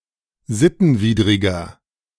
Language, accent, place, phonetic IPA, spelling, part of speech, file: German, Germany, Berlin, [ˈzɪtn̩ˌviːdʁɪɡɐ], sittenwidriger, adjective, De-sittenwidriger.ogg
- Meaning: inflection of sittenwidrig: 1. strong/mixed nominative masculine singular 2. strong genitive/dative feminine singular 3. strong genitive plural